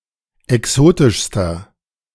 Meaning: inflection of exotisch: 1. strong/mixed nominative masculine singular superlative degree 2. strong genitive/dative feminine singular superlative degree 3. strong genitive plural superlative degree
- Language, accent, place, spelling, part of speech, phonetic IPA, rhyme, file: German, Germany, Berlin, exotischster, adjective, [ɛˈksoːtɪʃstɐ], -oːtɪʃstɐ, De-exotischster.ogg